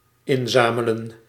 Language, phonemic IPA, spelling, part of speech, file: Dutch, /ˈɪnˌzaː.mə.lə(n)/, inzamelen, verb, Nl-inzamelen.ogg
- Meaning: 1. to gather together, to collect (from somewhere, e.g. charity) 2. to reap